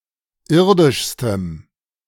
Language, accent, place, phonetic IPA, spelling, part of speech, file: German, Germany, Berlin, [ˈɪʁdɪʃstəm], irdischstem, adjective, De-irdischstem.ogg
- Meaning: strong dative masculine/neuter singular superlative degree of irdisch